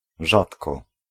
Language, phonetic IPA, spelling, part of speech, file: Polish, [ˈʒatkɔ], rzadko, adverb, Pl-rzadko.ogg